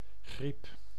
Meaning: influenza, flu
- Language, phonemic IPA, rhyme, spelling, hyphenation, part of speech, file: Dutch, /ɣrip/, -ip, griep, griep, noun, Nl-griep.ogg